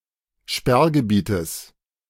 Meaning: genitive singular of Sperrgebiet
- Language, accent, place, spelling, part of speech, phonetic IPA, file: German, Germany, Berlin, Sperrgebietes, noun, [ˈʃpɛʁɡəˌbiːtəs], De-Sperrgebietes.ogg